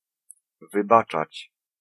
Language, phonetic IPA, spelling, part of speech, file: Polish, [vɨˈbat͡ʃat͡ɕ], wybaczać, verb, Pl-wybaczać.ogg